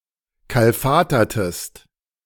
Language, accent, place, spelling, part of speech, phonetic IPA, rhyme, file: German, Germany, Berlin, kalfatertest, verb, [ˌkalˈfaːtɐtəst], -aːtɐtəst, De-kalfatertest.ogg
- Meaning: inflection of kalfatern: 1. second-person singular preterite 2. second-person singular subjunctive II